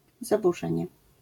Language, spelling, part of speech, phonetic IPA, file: Polish, zaburzenie, noun, [ˌzabuˈʒɛ̃ɲɛ], LL-Q809 (pol)-zaburzenie.wav